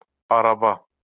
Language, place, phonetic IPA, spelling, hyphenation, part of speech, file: Azerbaijani, Baku, [ɑɾɑˈbɑ], araba, a‧ra‧ba, noun, LL-Q9292 (aze)-araba.wav
- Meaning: 1. cart 2. carriage 3. wheelbarrow